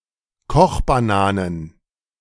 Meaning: plural of Kochbanane
- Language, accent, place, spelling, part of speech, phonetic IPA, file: German, Germany, Berlin, Kochbananen, noun, [ˈkɔxbaˌnaːnən], De-Kochbananen.ogg